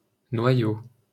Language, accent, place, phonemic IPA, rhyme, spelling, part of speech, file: French, France, Paris, /nwa.jo/, -jo, noyau, noun, LL-Q150 (fra)-noyau.wav
- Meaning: 1. stone (of a fruit), pit (of a fruit) 2. group (of artists etc.); cell (of terrorists etc.) 3. core 4. nucleus 5. kernel 6. nucleus of a syllable